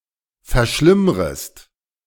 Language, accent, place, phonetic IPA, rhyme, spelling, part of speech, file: German, Germany, Berlin, [fɛɐ̯ˈʃlɪmʁəst], -ɪmʁəst, verschlimmrest, verb, De-verschlimmrest.ogg
- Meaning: second-person singular subjunctive I of verschlimmern